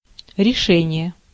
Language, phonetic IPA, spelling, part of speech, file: Russian, [rʲɪˈʂɛnʲɪje], решение, noun, Ru-решение.ogg
- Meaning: 1. decision, solution, answer 2. solving, deciding, determining 3. resolution, judgment, decree, verdict